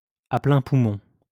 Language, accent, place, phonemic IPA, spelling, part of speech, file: French, France, Lyon, /a plɛ̃ pu.mɔ̃/, à pleins poumons, adverb, LL-Q150 (fra)-à pleins poumons.wav
- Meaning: 1. drawing in as much air as possible, so as to fill one's lungs 2. at the top of one's lungs, at the top of one's voice